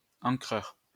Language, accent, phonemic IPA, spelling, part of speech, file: French, France, /ɑ̃.kʁœʁ/, encreur, adjective, LL-Q150 (fra)-encreur.wav
- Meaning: inking; which applies ink